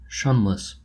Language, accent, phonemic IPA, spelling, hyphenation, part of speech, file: English, General American, /ˈʃʌnləs/, shunless, shun‧less, adjective, En-us-shunless.oga
- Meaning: That cannot be shunned; not to be avoided; inevitable, unavoidable